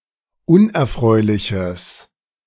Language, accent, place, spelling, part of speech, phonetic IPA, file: German, Germany, Berlin, unerfreuliches, adjective, [ˈʊnʔɛɐ̯ˌfʁɔɪ̯lɪçəs], De-unerfreuliches.ogg
- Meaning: strong/mixed nominative/accusative neuter singular of unerfreulich